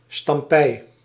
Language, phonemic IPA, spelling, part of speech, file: Dutch, /stɑmˈpɛi/, stampei, noun, Nl-stampei.ogg
- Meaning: alternative spelling of stampij